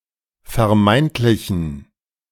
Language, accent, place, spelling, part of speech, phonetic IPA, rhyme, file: German, Germany, Berlin, vermeintlichen, adjective, [fɛɐ̯ˈmaɪ̯ntlɪçn̩], -aɪ̯ntlɪçn̩, De-vermeintlichen.ogg
- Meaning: inflection of vermeintlich: 1. strong genitive masculine/neuter singular 2. weak/mixed genitive/dative all-gender singular 3. strong/weak/mixed accusative masculine singular 4. strong dative plural